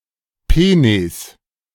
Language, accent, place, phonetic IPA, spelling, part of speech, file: German, Germany, Berlin, [ˈpeːneːs], Penes, noun, De-Penes.ogg
- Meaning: plural of Penis